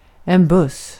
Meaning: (noun) 1. a bus, a vehicle to transport people 2. a bus 3. an (old) soldier or sailor; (adjective) like an old friend; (noun) a portion of chewing tobacco
- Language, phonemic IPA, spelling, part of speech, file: Swedish, /bɵs/, buss, noun / adjective / interjection, Sv-buss.ogg